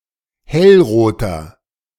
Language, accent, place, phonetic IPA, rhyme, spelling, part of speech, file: German, Germany, Berlin, [ˈhɛlˌʁoːtɐ], -ɛlʁoːtɐ, hellroter, adjective, De-hellroter.ogg
- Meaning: inflection of hellrot: 1. strong/mixed nominative masculine singular 2. strong genitive/dative feminine singular 3. strong genitive plural